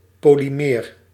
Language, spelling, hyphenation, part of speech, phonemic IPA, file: Dutch, polymeer, po‧ly‧meer, adjective / noun, /ˌpoliˈmer/, Nl-polymeer.ogg
- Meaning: polymer